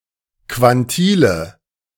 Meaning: nominative/accusative/genitive plural of Quantil
- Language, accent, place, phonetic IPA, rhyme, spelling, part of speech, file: German, Germany, Berlin, [kvanˈtiːlə], -iːlə, Quantile, noun, De-Quantile.ogg